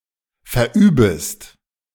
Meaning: second-person singular subjunctive I of verüben
- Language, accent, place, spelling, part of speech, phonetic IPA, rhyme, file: German, Germany, Berlin, verübest, verb, [fɛɐ̯ˈʔyːbəst], -yːbəst, De-verübest.ogg